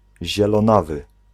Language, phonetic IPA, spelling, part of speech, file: Polish, [ˌʑɛlɔ̃ˈnavɨ], zielonawy, adjective, Pl-zielonawy.ogg